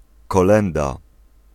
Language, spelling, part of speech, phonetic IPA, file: Polish, kolęda, noun, [kɔˈlɛ̃nda], Pl-kolęda.ogg